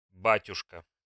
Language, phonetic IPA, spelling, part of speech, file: Russian, [ˈbatʲʊʂkə], батюшка, noun, Ru-батюшка.ogg
- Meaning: 1. father (parent) 2. father (term of address for a priest), priest 3. dear friend; old boy (respectful and affectionate term of address)